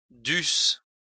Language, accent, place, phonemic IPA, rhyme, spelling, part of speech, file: French, France, Lyon, /dys/, -ys, dussent, verb, LL-Q150 (fra)-dussent.wav
- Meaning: third-person plural imperfect subjunctive of devoir